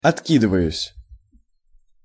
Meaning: first-person singular present indicative imperfective of отки́дываться (otkídyvatʹsja)
- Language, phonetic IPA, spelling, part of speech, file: Russian, [ɐtˈkʲidɨvəjʉsʲ], откидываюсь, verb, Ru-откидываюсь.ogg